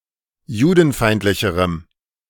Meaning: strong dative masculine/neuter singular comparative degree of judenfeindlich
- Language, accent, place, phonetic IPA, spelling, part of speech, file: German, Germany, Berlin, [ˈjuːdn̩ˌfaɪ̯ntlɪçəʁəm], judenfeindlicherem, adjective, De-judenfeindlicherem.ogg